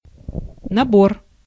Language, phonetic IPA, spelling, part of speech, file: Russian, [nɐˈbor], набор, noun, Ru-набор.ogg
- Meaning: 1. set, kit, outfit, collection (collection of various objects for a particular purpose, such as a set of tools) 2. font type case containing movable type 3. typesetting, composition